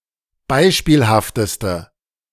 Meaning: inflection of beispielhaft: 1. strong/mixed nominative/accusative feminine singular superlative degree 2. strong nominative/accusative plural superlative degree
- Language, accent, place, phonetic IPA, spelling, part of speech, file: German, Germany, Berlin, [ˈbaɪ̯ʃpiːlhaftəstə], beispielhafteste, adjective, De-beispielhafteste.ogg